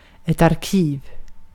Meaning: an archive
- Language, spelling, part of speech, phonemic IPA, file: Swedish, arkiv, noun, /arˈkiːv/, Sv-arkiv.ogg